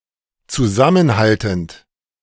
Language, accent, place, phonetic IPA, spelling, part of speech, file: German, Germany, Berlin, [t͡suˈzamənˌhaltn̩t], zusammenhaltend, verb, De-zusammenhaltend.ogg
- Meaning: present participle of zusammenhalten